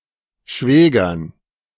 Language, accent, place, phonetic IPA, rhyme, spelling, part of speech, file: German, Germany, Berlin, [ˈʃvɛːɡɐn], -ɛːɡɐn, Schwägern, noun, De-Schwägern.ogg
- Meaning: dative plural of Schwager